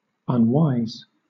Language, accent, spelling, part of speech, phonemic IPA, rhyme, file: English, Southern England, unwise, adjective, /ʌnˈwaɪz/, -aɪz, LL-Q1860 (eng)-unwise.wav
- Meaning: Not wise; lacking wisdom